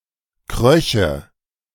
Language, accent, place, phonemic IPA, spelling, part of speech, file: German, Germany, Berlin, /ˈkʁœçə/, kröche, verb, De-kröche.ogg
- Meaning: first/third-person singular subjunctive II of kriechen